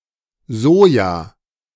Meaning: soy
- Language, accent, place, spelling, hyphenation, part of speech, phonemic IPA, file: German, Germany, Berlin, Soja, So‧ja, noun, /ˈzoːja/, De-Soja.ogg